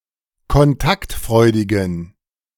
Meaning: inflection of kontaktfreudig: 1. strong genitive masculine/neuter singular 2. weak/mixed genitive/dative all-gender singular 3. strong/weak/mixed accusative masculine singular 4. strong dative plural
- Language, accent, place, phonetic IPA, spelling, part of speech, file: German, Germany, Berlin, [kɔnˈtaktˌfʁɔɪ̯dɪɡn̩], kontaktfreudigen, adjective, De-kontaktfreudigen.ogg